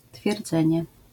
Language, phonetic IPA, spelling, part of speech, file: Polish, [tfʲjɛrˈd͡zɛ̃ɲɛ], twierdzenie, noun, LL-Q809 (pol)-twierdzenie.wav